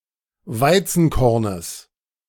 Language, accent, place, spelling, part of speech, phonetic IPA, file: German, Germany, Berlin, Weizenkornes, noun, [ˈvaɪ̯t͡sn̩ˌkɔʁnəs], De-Weizenkornes.ogg
- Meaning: genitive of Weizenkorn